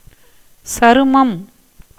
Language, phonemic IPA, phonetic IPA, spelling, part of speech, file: Tamil, /tʃɐɾʊmɐm/, [sɐɾʊmɐm], சருமம், noun, Ta-சருமம்.ogg
- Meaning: skin, hide, leather